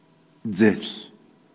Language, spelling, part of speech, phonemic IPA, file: Navajo, dził, noun, /t͡sɪ̀ɬ/, Nv-dził.ogg
- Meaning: 1. mountain 2. mountain range